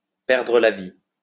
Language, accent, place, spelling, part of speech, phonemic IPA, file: French, France, Lyon, perdre la vie, verb, /pɛʁ.dʁə la vi/, LL-Q150 (fra)-perdre la vie.wav
- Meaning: to lose one's life (to die)